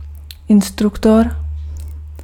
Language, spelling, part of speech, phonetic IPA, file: Czech, instruktor, noun, [ˈɪnstruktor], Cs-instruktor.ogg
- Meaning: instructor